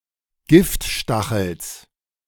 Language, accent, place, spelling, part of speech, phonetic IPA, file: German, Germany, Berlin, Giftstachels, noun, [ˈɡɪftˌʃtaxl̩s], De-Giftstachels.ogg
- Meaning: genitive singular of Giftstachel